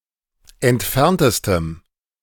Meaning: strong dative masculine/neuter singular superlative degree of entfernt
- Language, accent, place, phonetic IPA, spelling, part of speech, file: German, Germany, Berlin, [ɛntˈfɛʁntəstəm], entferntestem, adjective, De-entferntestem.ogg